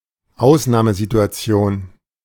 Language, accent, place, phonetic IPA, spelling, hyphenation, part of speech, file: German, Germany, Berlin, [ˈaʊ̯snaːməzituaˌt͡si̯oːn], Ausnahmesituation, Aus‧nah‧me‧si‧tu‧a‧ti‧on, noun, De-Ausnahmesituation.ogg
- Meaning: 1. exceptional situation 2. exception